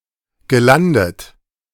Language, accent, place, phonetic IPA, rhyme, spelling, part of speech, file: German, Germany, Berlin, [ɡəˈlandət], -andət, gelandet, verb, De-gelandet.ogg
- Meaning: past participle of landen